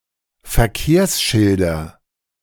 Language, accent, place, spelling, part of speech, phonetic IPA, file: German, Germany, Berlin, Verkehrsschilder, noun, [fɛɐ̯ˈkeːɐ̯sˌʃɪldɐ], De-Verkehrsschilder.ogg
- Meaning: nominative/accusative/genitive plural of Verkehrsschild